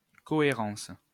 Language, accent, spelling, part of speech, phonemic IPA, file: French, France, cohérence, noun, /kɔ.e.ʁɑ̃s/, LL-Q150 (fra)-cohérence.wav
- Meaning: coherence, consistence, consistency